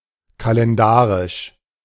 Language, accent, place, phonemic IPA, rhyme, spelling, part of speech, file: German, Germany, Berlin, /kalɛnˈdaʁɪʃ/, -aːʁɪʃ, kalendarisch, adjective, De-kalendarisch.ogg
- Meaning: calendrical